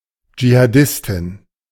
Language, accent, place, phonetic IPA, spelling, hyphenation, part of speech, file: German, Germany, Berlin, [d͡ʒihaːˈdɪstɪn], Dschihadistin, Dschi‧ha‧dis‧tin, noun, De-Dschihadistin.ogg
- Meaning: female equivalent of Dschihadist: female jihadist